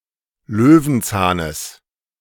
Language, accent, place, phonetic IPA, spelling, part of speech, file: German, Germany, Berlin, [ˈløːvn̩ˌt͡saːnəs], Löwenzahnes, noun, De-Löwenzahnes.ogg
- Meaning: genitive singular of Löwenzahn